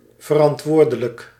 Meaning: responsible
- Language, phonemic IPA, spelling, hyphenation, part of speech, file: Dutch, /vərɑntˈʋoːrdələk/, verantwoordelijk, ver‧ant‧woor‧de‧lijk, adjective, Nl-verantwoordelijk.ogg